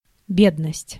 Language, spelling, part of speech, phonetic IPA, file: Russian, бедность, noun, [ˈbʲednəsʲtʲ], Ru-бедность.ogg
- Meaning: 1. poverty, poorness 2. indigence, penury